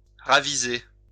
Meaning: to change one's mind, reconsider
- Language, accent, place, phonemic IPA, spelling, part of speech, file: French, France, Lyon, /ʁa.vi.ze/, raviser, verb, LL-Q150 (fra)-raviser.wav